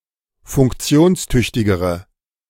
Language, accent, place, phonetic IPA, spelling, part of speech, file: German, Germany, Berlin, [fʊŋkˈt͡si̯oːnsˌtʏçtɪɡəʁə], funktionstüchtigere, adjective, De-funktionstüchtigere.ogg
- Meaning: inflection of funktionstüchtig: 1. strong/mixed nominative/accusative feminine singular comparative degree 2. strong nominative/accusative plural comparative degree